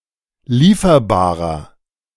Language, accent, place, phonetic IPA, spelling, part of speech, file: German, Germany, Berlin, [ˈliːfɐbaːʁɐ], lieferbarer, adjective, De-lieferbarer.ogg
- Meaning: inflection of lieferbar: 1. strong/mixed nominative masculine singular 2. strong genitive/dative feminine singular 3. strong genitive plural